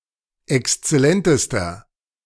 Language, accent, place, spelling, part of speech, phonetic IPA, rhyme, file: German, Germany, Berlin, exzellentester, adjective, [ɛkst͡sɛˈlɛntəstɐ], -ɛntəstɐ, De-exzellentester.ogg
- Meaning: inflection of exzellent: 1. strong/mixed nominative masculine singular superlative degree 2. strong genitive/dative feminine singular superlative degree 3. strong genitive plural superlative degree